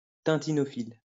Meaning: a fan of the character Tintin
- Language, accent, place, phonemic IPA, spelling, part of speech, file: French, France, Lyon, /tɛ̃.ti.nɔ.fil/, tintinophile, noun, LL-Q150 (fra)-tintinophile.wav